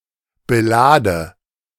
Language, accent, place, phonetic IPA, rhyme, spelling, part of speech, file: German, Germany, Berlin, [bəˈlaːdə], -aːdə, belade, verb, De-belade.ogg
- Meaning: inflection of beladen: 1. first-person singular present 2. first/third-person singular subjunctive I 3. singular imperative